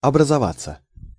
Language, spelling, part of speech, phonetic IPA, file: Russian, образоваться, verb, [ɐbrəzɐˈvat͡sːə], Ru-образоваться.ogg
- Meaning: 1. to appear, to get to be 2. te educate oneself 3. to work out, to be fine